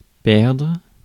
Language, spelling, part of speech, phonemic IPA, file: French, perdre, verb, /pɛʁdʁ/, Fr-perdre.ogg
- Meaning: 1. to lose (be unable to find) 2. to lose (not win) 3. to get lost 4. to waste, to make bad use of something